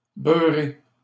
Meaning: 1. to butter, to rub with butter 2. to get dirty, to soil smth. (or oneself, with se) 3. to exaggerate, to try too hard
- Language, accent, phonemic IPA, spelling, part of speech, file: French, Canada, /bœ.ʁe/, beurrer, verb, LL-Q150 (fra)-beurrer.wav